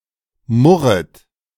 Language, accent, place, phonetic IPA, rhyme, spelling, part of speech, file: German, Germany, Berlin, [ˈmʊʁət], -ʊʁət, murret, verb, De-murret.ogg
- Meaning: second-person plural subjunctive I of murren